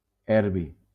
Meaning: erbium
- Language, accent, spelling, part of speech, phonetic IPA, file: Catalan, Valencia, erbi, noun, [ˈɛɾ.bi], LL-Q7026 (cat)-erbi.wav